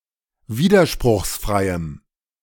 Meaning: strong dative masculine/neuter singular of widerspruchsfrei
- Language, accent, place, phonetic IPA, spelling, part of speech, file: German, Germany, Berlin, [ˈviːdɐʃpʁʊxsˌfʁaɪ̯əm], widerspruchsfreiem, adjective, De-widerspruchsfreiem.ogg